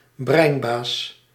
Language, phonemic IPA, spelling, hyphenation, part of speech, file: Dutch, /ˈbrɛi̯n.baːs/, breinbaas, brein‧baas, noun, Nl-breinbaas.ogg
- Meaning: cunning mastermind, sly weasel, brainy person